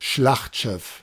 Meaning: battleship
- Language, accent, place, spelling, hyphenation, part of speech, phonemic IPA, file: German, Germany, Berlin, Schlachtschiff, Schlacht‧schiff, noun, /ˈʃlaxtˌʃɪf/, De-Schlachtschiff.ogg